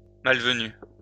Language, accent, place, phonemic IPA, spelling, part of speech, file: French, France, Lyon, /mal.və.ny/, malvenu, adjective, LL-Q150 (fra)-malvenu.wav
- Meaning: inopportune, untimely